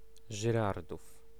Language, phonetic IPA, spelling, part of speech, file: Polish, [ʒɨˈrarduf], Żyrardów, proper noun, Pl-Żyrardów.ogg